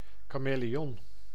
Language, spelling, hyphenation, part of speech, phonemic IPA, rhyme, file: Dutch, kameleon, ka‧me‧le‧on, noun, /ˌkaː.meː.leːˈɔn/, -ɔn, Nl-kameleon.ogg
- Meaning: 1. chameleon (lizard of the family Chamaeleonidae) 2. weathervane (someone who changes opinions, allegiance, etc. like a chameleon changes color)